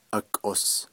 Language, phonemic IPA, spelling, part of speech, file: Navajo, /ʔɑ̀kʼòs/, akʼos, noun, Nv-akʼos.ogg
- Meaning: neck